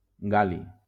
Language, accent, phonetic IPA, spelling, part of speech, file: Catalan, Valencia, [ˈɡal.li], gal·li, noun, LL-Q7026 (cat)-gal·li.wav
- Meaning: gallium